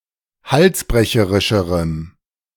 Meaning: strong dative masculine/neuter singular comparative degree of halsbrecherisch
- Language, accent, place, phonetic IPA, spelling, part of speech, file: German, Germany, Berlin, [ˈhalsˌbʁɛçəʁɪʃəʁəm], halsbrecherischerem, adjective, De-halsbrecherischerem.ogg